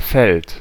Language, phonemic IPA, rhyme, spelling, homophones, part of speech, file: German, /fɛlt/, -ɛlt, Feld, fällt, noun, De-Feld.ogg
- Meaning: 1. field (plot of open land, especially one used to grow crops) 2. area where action, often competitional, takes place: field, battlefield